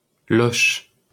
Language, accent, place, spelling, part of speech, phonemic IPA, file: French, France, Paris, Loches, proper noun, /lɔʃ/, LL-Q150 (fra)-Loches.wav
- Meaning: Loches (a commune of Indre-et-Loire department, Centre-Val de Loire, in central France)